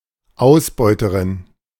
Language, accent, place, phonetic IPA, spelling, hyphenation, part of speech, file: German, Germany, Berlin, [ˈaʊ̯sbɔɪ̯təʀɪn], Ausbeuterin, Aus‧beu‧te‧rin, noun, De-Ausbeuterin.ogg
- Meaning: exploiter (female)